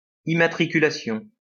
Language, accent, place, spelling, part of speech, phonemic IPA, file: French, France, Lyon, immatriculation, noun, /i.ma.tʁi.ky.la.sjɔ̃/, LL-Q150 (fra)-immatriculation.wav
- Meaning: registration